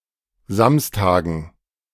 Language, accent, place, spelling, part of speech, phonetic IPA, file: German, Germany, Berlin, Samstagen, noun, [ˈzamstaːɡn̩], De-Samstagen.ogg
- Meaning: dative plural of Samstag